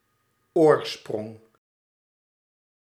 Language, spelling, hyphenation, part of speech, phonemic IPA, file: Dutch, oorsprong, oor‧sprong, noun, /ˈoːrˌsprɔŋ/, Nl-oorsprong.ogg
- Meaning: 1. origin; point, place or line whence one originates 2. source, spring 3. origin